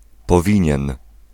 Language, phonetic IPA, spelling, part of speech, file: Polish, [pɔˈvʲĩɲɛ̃n], powinien, verb, Pl-powinien.ogg